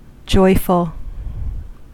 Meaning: Feeling or causing joy
- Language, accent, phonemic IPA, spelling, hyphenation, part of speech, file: English, US, /ˈd͡ʒɔɪfl̩/, joyful, joy‧ful, adjective, En-us-joyful.ogg